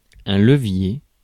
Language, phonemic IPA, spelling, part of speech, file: French, /lə.vje/, levier, noun, Fr-levier.ogg
- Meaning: lever